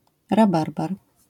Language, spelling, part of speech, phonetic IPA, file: Polish, rabarbar, noun, [raˈbarbar], LL-Q809 (pol)-rabarbar.wav